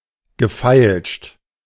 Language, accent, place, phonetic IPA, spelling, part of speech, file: German, Germany, Berlin, [ɡəˈfaɪ̯lʃt], gefeilscht, verb, De-gefeilscht.ogg
- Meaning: past participle of feilschen